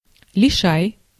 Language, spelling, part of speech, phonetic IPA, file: Russian, лишай, noun / verb, [lʲɪˈʂaj], Ru-лишай.ogg
- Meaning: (noun) 1. lichen 2. herpes; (verb) second-person singular imperative imperfective of лиша́ть (lišátʹ)